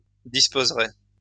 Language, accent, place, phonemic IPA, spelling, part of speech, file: French, France, Lyon, /dis.poz.ʁɛ/, disposeraient, verb, LL-Q150 (fra)-disposeraient.wav
- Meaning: third-person plural conditional of disposer